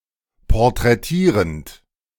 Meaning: present participle of porträtieren
- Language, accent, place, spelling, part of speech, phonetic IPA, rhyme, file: German, Germany, Berlin, porträtierend, verb, [pɔʁtʁɛˈtiːʁənt], -iːʁənt, De-porträtierend.ogg